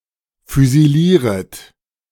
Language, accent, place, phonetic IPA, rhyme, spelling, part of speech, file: German, Germany, Berlin, [fyziˈliːʁət], -iːʁət, füsilieret, verb, De-füsilieret.ogg
- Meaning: second-person plural subjunctive I of füsilieren